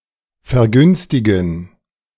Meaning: to discount (i.e. prices)
- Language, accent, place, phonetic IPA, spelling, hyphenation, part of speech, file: German, Germany, Berlin, [fɛɐ̯ˈɡʏnstɪɡn̩], vergünstigen, ver‧güns‧ti‧gen, verb, De-vergünstigen.ogg